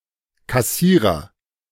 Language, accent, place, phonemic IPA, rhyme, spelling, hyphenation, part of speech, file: German, Germany, Berlin, /kaˈsiːʁɐ/, -iːʁɐ, Kassierer, Kas‧sie‧rer, noun, De-Kassierer.ogg
- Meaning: cashier, (bank) teller, treasurer